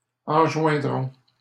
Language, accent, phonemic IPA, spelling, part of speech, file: French, Canada, /ɑ̃.ʒwɛ̃.dʁɔ̃/, enjoindrons, verb, LL-Q150 (fra)-enjoindrons.wav
- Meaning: first-person plural future of enjoindre